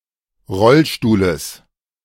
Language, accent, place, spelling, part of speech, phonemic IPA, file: German, Germany, Berlin, Rollstuhles, noun, /ˈʁɔlˌʃtuːləs/, De-Rollstuhles.ogg
- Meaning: genitive singular of Rollstuhl